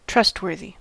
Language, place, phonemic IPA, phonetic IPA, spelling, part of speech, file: English, California, /ˈtɹʌstˌwɜɹ.ði/, [ˈtɹʌstˌwɝ.ði], trustworthy, adjective, En-us-trustworthy.ogg
- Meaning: Deserving of trust, reliable